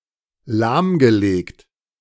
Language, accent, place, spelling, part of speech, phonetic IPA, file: German, Germany, Berlin, lahmgelegt, verb, [ˈlaːmɡəˌleːkt], De-lahmgelegt.ogg
- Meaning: past participle of lahmlegen